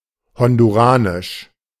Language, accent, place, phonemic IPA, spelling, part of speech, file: German, Germany, Berlin, /ˌhɔnduˈʁaːnɪʃ/, honduranisch, adjective, De-honduranisch.ogg
- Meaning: of Honduras; Honduran